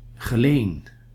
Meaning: a town and former municipality of Sittard-Geleen, Limburg, Netherlands
- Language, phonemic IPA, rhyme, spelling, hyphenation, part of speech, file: Dutch, /ɣəˈleːn/, -eːn, Geleen, Ge‧leen, proper noun, Nl-Geleen.ogg